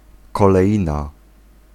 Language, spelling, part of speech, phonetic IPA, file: Polish, koleina, noun, [ˌkɔlɛˈʲĩna], Pl-koleina.ogg